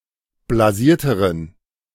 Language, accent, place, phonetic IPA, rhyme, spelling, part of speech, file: German, Germany, Berlin, [blaˈziːɐ̯təʁən], -iːɐ̯təʁən, blasierteren, adjective, De-blasierteren.ogg
- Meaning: inflection of blasiert: 1. strong genitive masculine/neuter singular comparative degree 2. weak/mixed genitive/dative all-gender singular comparative degree